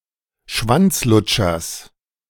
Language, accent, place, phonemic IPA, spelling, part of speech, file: German, Germany, Berlin, /ˈʃvantsˌlʊtʃɐs/, Schwanzlutschers, noun, De-Schwanzlutschers.ogg
- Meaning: genitive singular of Schwanzlutscher